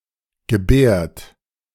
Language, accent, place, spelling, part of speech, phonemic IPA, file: German, Germany, Berlin, gebärt, verb, /ɡəˈbɛːrt/, De-gebärt.ogg
- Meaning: inflection of gebären: 1. third-person singular 2. second-person plural present 3. plural imperative